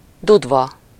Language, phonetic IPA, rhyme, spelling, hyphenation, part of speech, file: Hungarian, [ˈdudvɒ], -vɒ, dudva, dud‧va, noun, Hu-dudva.ogg
- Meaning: weed